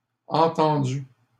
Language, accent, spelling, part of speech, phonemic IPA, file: French, Canada, entendue, verb, /ɑ̃.tɑ̃.dy/, LL-Q150 (fra)-entendue.wav
- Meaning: feminine singular of entendu